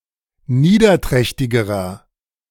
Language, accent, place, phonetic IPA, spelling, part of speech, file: German, Germany, Berlin, [ˈniːdɐˌtʁɛçtɪɡəʁɐ], niederträchtigerer, adjective, De-niederträchtigerer.ogg
- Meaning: inflection of niederträchtig: 1. strong/mixed nominative masculine singular comparative degree 2. strong genitive/dative feminine singular comparative degree